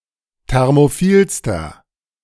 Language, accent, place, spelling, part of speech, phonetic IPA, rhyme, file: German, Germany, Berlin, thermophilster, adjective, [ˌtɛʁmoˈfiːlstɐ], -iːlstɐ, De-thermophilster.ogg
- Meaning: inflection of thermophil: 1. strong/mixed nominative masculine singular superlative degree 2. strong genitive/dative feminine singular superlative degree 3. strong genitive plural superlative degree